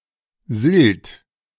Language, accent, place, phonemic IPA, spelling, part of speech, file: German, Germany, Berlin, /zɪlt/, Silt, noun, De-Silt.ogg
- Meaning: silt